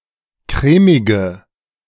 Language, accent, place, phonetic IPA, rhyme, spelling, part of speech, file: German, Germany, Berlin, [ˈkʁɛːmɪɡə], -ɛːmɪɡə, crèmige, adjective, De-crèmige.ogg
- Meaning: inflection of crèmig: 1. strong/mixed nominative/accusative feminine singular 2. strong nominative/accusative plural 3. weak nominative all-gender singular 4. weak accusative feminine/neuter singular